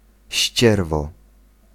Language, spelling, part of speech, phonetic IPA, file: Polish, ścierwo, noun, [ˈɕt͡ɕɛrvɔ], Pl-ścierwo.ogg